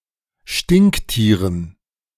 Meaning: dative plural of Stinktier
- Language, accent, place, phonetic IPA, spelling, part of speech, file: German, Germany, Berlin, [ˈʃtɪnkˌtiːʁən], Stinktieren, noun, De-Stinktieren.ogg